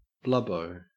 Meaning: An overweight or obese person
- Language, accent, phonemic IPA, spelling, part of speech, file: English, Australia, /ˈblʌboʊ/, blubbo, noun, En-au-blubbo.ogg